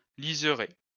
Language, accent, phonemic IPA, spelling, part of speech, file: French, France, /liz.ʁe/, liseré, noun, LL-Q150 (fra)-liseré.wav
- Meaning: border, edging